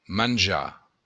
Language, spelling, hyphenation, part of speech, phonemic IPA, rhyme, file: Occitan, manjar, man‧jar, verb / noun, /manˈd͡ʒa/, -a, LL-Q942602-manjar.wav
- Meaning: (verb) to eat; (noun) food